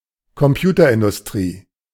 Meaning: computer industry
- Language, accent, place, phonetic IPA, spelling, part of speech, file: German, Germany, Berlin, [kɔmˈpjuːtɐʔɪndʊsˌtʁiː], Computerindustrie, noun, De-Computerindustrie.ogg